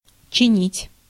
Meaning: 1. to repair, to fix 2. to sharpen 3. to cause, to raise 4. to administer
- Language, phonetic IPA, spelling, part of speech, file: Russian, [t͡ɕɪˈnʲitʲ], чинить, verb, Ru-чинить.ogg